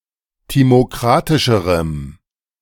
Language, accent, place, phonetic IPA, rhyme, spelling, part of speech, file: German, Germany, Berlin, [ˌtimoˈkʁatɪʃəʁəm], -atɪʃəʁəm, timokratischerem, adjective, De-timokratischerem.ogg
- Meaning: strong dative masculine/neuter singular comparative degree of timokratisch